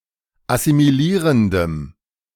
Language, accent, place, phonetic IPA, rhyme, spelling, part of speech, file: German, Germany, Berlin, [asimiˈliːʁəndəm], -iːʁəndəm, assimilierendem, adjective, De-assimilierendem.ogg
- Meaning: strong dative masculine/neuter singular of assimilierend